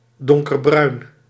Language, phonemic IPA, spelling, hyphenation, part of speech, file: Dutch, /ˌdɔŋ.kərˈbrœy̯n/, donkerbruin, don‧ker‧bruin, adjective, Nl-donkerbruin.ogg
- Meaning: dark brown